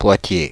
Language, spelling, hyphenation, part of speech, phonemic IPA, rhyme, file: French, Poitiers, Poi‧tiers, proper noun, /pwa.tje/, -e, Fr-Poitiers.ogg
- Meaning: Poitiers (a city, the capital of Vienne department, Nouvelle-Aquitaine, France)